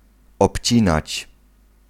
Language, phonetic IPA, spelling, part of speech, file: Polish, [ɔpʲˈt͡ɕĩnat͡ɕ], obcinać, verb, Pl-obcinać.ogg